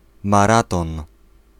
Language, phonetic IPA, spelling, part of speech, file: Polish, [maˈratɔ̃n], maraton, noun, Pl-maraton.ogg